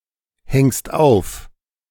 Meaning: second-person singular present of aufhängen
- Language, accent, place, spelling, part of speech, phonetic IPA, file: German, Germany, Berlin, hängst auf, verb, [ˌhɛŋst ˈaʊ̯f], De-hängst auf.ogg